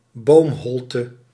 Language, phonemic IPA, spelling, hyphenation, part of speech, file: Dutch, /ˈboːmˌɦɔl.tə/, boomholte, boom‧hol‧te, noun, Nl-boomholte.ogg
- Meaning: tree cavity, hollow space in a tree